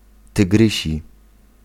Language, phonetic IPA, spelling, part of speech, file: Polish, [tɨˈɡrɨɕi], tygrysi, adjective, Pl-tygrysi.ogg